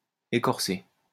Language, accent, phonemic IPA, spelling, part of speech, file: French, France, /e.kɔʁ.se/, écorcer, verb, LL-Q150 (fra)-écorcer.wav
- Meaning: to debark, to strip the bark from a tree